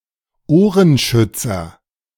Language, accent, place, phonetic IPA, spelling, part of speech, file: German, Germany, Berlin, [ˈoːʁənˌʃʏt͡sɐ], Ohrenschützer, noun, De-Ohrenschützer.ogg
- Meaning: earmuff